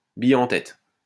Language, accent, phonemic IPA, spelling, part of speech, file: French, France, /bi.j‿ɑ̃ tɛt/, bille en tête, adverb, LL-Q150 (fra)-bille en tête.wav
- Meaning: 1. unhesitatingly, audaciously, boldly 2. rashly, recklessly, without thinking, on a whim